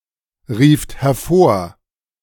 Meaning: second-person plural preterite of hervorrufen
- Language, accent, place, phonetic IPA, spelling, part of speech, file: German, Germany, Berlin, [ˌʁiːft hɛɐ̯ˈfoːɐ̯], rieft hervor, verb, De-rieft hervor.ogg